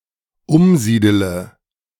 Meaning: inflection of umsiedeln: 1. first-person singular dependent present 2. first/third-person singular dependent subjunctive I
- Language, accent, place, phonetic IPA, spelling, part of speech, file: German, Germany, Berlin, [ˈʊmˌziːdələ], umsiedele, verb, De-umsiedele.ogg